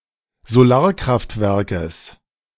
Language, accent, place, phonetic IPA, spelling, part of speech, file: German, Germany, Berlin, [zoˈlaːɐ̯kʁaftˌvɛʁkəs], Solarkraftwerkes, noun, De-Solarkraftwerkes.ogg
- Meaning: genitive singular of Solarkraftwerk